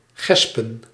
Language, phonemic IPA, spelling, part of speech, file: Dutch, /ˈɣɛspə(n)/, gespen, verb / noun, Nl-gespen.ogg
- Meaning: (verb) to buckle; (noun) plural of gesp